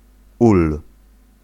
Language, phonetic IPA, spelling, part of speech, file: Polish, [ul], ul, noun, Pl-ul.ogg